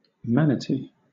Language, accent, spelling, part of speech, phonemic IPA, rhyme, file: English, Southern England, manatee, noun, /ˈmæn.əˌtiː/, -ænəti, LL-Q1860 (eng)-manatee.wav
- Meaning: A mostly herbivorous sirenian of the genus Trichechus, having a paddle-like tail and nails on their flippers, found in tropical regions